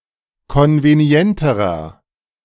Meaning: inflection of konvenient: 1. strong/mixed nominative masculine singular comparative degree 2. strong genitive/dative feminine singular comparative degree 3. strong genitive plural comparative degree
- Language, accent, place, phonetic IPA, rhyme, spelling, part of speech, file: German, Germany, Berlin, [ˌkɔnveˈni̯ɛntəʁɐ], -ɛntəʁɐ, konvenienterer, adjective, De-konvenienterer.ogg